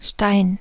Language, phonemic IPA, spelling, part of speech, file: German, /ʃtaɪn/, Stein, noun / proper noun, De-Stein.ogg
- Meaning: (noun) 1. stone, rock 2. any stone-like material such as brick or concrete 3. pit (core of a fruit) 4. ellipsis of Spielstein (“piece, token, tile”) 5. stone (unit of weight) 6. money, bucks